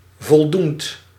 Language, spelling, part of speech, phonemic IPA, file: Dutch, voldoend, adjective / verb, /vɔlˈdunt/, Nl-voldoend.ogg
- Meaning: present participle of voldoen